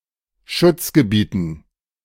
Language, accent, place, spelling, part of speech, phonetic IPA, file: German, Germany, Berlin, Schutzgebieten, noun, [ˈʃʊt͡sɡəˌbiːtn̩], De-Schutzgebieten.ogg
- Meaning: dative plural of Schutzgebiet